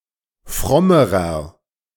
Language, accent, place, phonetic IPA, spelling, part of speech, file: German, Germany, Berlin, [ˈfʁɔməʁɐ], frommerer, adjective, De-frommerer.ogg
- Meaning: inflection of fromm: 1. strong/mixed nominative masculine singular comparative degree 2. strong genitive/dative feminine singular comparative degree 3. strong genitive plural comparative degree